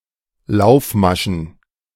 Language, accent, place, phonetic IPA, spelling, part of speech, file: German, Germany, Berlin, [ˈlaʊ̯fˌmaʃn̩], Laufmaschen, noun, De-Laufmaschen.ogg
- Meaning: plural of Laufmasche